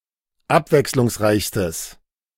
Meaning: strong/mixed nominative/accusative neuter singular superlative degree of abwechslungsreich
- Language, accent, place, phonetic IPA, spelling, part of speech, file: German, Germany, Berlin, [ˈapvɛkslʊŋsˌʁaɪ̯çstəs], abwechslungsreichstes, adjective, De-abwechslungsreichstes.ogg